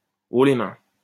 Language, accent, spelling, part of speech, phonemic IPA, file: French, France, haut les mains, interjection, /o le mɛ̃/, LL-Q150 (fra)-haut les mains.wav
- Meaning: hands up! stick 'em up! reach for the sky!